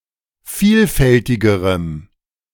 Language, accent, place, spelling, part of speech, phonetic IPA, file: German, Germany, Berlin, vielfältigerem, adjective, [ˈfiːlˌfɛltɪɡəʁəm], De-vielfältigerem.ogg
- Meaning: strong dative masculine/neuter singular comparative degree of vielfältig